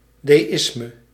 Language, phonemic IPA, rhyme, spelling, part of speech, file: Dutch, /ˌdeːˈɪs.mə/, -ɪsmə, deïsme, noun, Nl-deïsme.ogg
- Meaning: deism